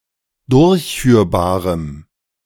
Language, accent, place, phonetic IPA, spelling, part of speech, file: German, Germany, Berlin, [ˈdʊʁçˌfyːɐ̯baːʁəm], durchführbarem, adjective, De-durchführbarem.ogg
- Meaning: strong dative masculine/neuter singular of durchführbar